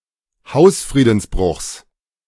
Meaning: genitive of Hausfriedensbruch
- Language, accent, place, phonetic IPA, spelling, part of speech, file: German, Germany, Berlin, [ˈhaʊ̯sfʁiːdn̩sˌbʁʊxs], Hausfriedensbruchs, noun, De-Hausfriedensbruchs.ogg